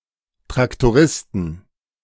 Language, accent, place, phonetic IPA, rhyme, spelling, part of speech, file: German, Germany, Berlin, [tʁaktoˈʁɪstn̩], -ɪstn̩, Traktoristen, noun, De-Traktoristen.ogg
- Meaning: plural of Traktorist